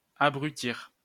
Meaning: 1. to render idiotic; to turn into idiots 2. to blunt or deaden the mind 3. to overwhelm, to devastate 4. to return to a brutish or bestial state
- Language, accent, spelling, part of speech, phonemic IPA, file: French, France, abrutir, verb, /a.bʁy.tiʁ/, LL-Q150 (fra)-abrutir.wav